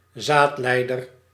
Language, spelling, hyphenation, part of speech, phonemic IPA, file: Dutch, zaadleider, zaad‧lei‧der, noun, /ˈzaːtˌlɛi̯dər/, Nl-zaadleider.ogg
- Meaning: vas deferens